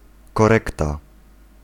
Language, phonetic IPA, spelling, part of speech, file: Polish, [kɔˈrɛkta], korekta, noun, Pl-korekta.ogg